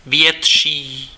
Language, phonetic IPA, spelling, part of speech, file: Czech, [ˈvjɛtʃiː], větší, adjective, Cs-větší.ogg
- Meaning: comparative degree of velký